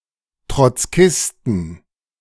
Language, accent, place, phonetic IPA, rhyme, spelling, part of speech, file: German, Germany, Berlin, [tʁɔt͡sˈkɪstn̩], -ɪstn̩, Trotzkisten, noun, De-Trotzkisten.ogg
- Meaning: inflection of Trotzkist: 1. genitive/dative/accusative singular 2. nominative/genitive/dative/accusative plural